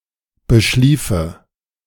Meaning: first/third-person singular subjunctive II of beschlafen
- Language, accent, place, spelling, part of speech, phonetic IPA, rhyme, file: German, Germany, Berlin, beschliefe, verb, [bəˈʃliːfə], -iːfə, De-beschliefe.ogg